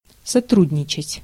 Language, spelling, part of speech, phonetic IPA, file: Russian, сотрудничать, verb, [sɐˈtrudʲnʲɪt͡ɕɪtʲ], Ru-сотрудничать.ogg
- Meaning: 1. to cooperate, to collaborate 2. to contribute (to a newspaper etc.), to work on a newspaper